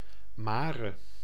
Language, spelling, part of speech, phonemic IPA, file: Dutch, mare, noun / verb, /ˈmarə/, Nl-mare.ogg
- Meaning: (noun) 1. message, report, story 2. rumor 3. depression in non-volcanic stone 4. a nocturnal monster or spirit that torments its victims while they are sleeping 5. nightmare 6. witch